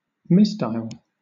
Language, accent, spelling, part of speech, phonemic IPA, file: English, Southern England, misdial, noun, /ˈmɪsdaɪəl/, LL-Q1860 (eng)-misdial.wav
- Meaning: An instance of misdialling